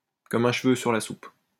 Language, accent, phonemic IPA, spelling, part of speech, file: French, France, /kɔ.m‿œ̃ ʃ(ə).vø syʁ la sup/, comme un cheveu sur la soupe, adverb, LL-Q150 (fra)-comme un cheveu sur la soupe.wav
- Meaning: out of the blue (unexpectedly)